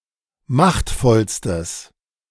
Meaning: strong/mixed nominative/accusative neuter singular superlative degree of machtvoll
- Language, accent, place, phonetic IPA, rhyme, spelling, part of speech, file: German, Germany, Berlin, [ˈmaxtfɔlstəs], -axtfɔlstəs, machtvollstes, adjective, De-machtvollstes.ogg